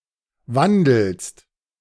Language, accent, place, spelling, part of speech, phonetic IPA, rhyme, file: German, Germany, Berlin, wandelst, verb, [ˈvandl̩st], -andl̩st, De-wandelst.ogg
- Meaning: second-person singular present of wandeln